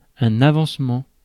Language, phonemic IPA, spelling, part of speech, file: French, /a.vɑ̃s.mɑ̃/, avancement, noun, Fr-avancement.ogg
- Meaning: 1. the state of advancing, progress 2. a projection (i.e. from a building) 3. a promotion, an advancement in status 4. clipping of avancement d'hoirie; an early inheritance